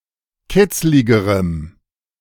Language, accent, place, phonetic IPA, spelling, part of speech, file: German, Germany, Berlin, [ˈkɪt͡slɪɡəʁəm], kitzligerem, adjective, De-kitzligerem.ogg
- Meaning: strong dative masculine/neuter singular comparative degree of kitzlig